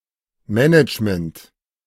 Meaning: management (administration; the process or practice of managing)
- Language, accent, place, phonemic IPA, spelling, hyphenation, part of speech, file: German, Germany, Berlin, /ˈmɛnɪt͡ʃmənt/, Management, Ma‧nage‧ment, noun, De-Management.ogg